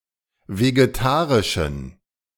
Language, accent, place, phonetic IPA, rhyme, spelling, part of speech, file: German, Germany, Berlin, [veɡeˈtaːʁɪʃn̩], -aːʁɪʃn̩, vegetarischen, adjective, De-vegetarischen.ogg
- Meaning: inflection of vegetarisch: 1. strong genitive masculine/neuter singular 2. weak/mixed genitive/dative all-gender singular 3. strong/weak/mixed accusative masculine singular 4. strong dative plural